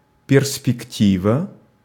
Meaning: 1. perspective (the appearance of depth in objects) 2. vista, prospect 3. prospect, outlook, look-out, aspects (expected future)
- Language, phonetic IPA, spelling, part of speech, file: Russian, [pʲɪrspʲɪkˈtʲivə], перспектива, noun, Ru-перспектива.ogg